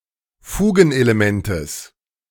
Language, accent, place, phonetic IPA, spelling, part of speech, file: German, Germany, Berlin, [ˈfuːɡn̩ʔeleˌmɛntəs], Fugenelementes, noun, De-Fugenelementes.ogg
- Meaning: genitive singular of Fugenelement